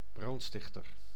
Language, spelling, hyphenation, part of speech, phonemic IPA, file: Dutch, brandstichter, brand‧stich‧ter, noun, /ˈbrɑntˌstɪx.tər/, Nl-brandstichter.ogg
- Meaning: arsonist